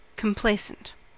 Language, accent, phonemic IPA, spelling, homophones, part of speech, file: English, US, /kəmˈpleɪsənt/, complacent, complaisant, adjective, En-us-complacent.ogg
- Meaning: 1. Uncritically satisfied with oneself or one's achievements; smug 2. Unduly unworried or apathetic with regard to a need or problem